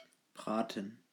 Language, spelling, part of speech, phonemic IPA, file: German, braten, verb, /ˈbʁaːtən/, De-braten.ogg
- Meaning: 1. to pan-fry 2. to roast; to grill; to broil